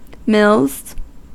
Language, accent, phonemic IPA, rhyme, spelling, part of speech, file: English, US, /mɪlz/, -ɪlz, mills, noun / verb, En-us-mills.ogg
- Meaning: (noun) plural of mill; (verb) third-person singular simple present indicative of mill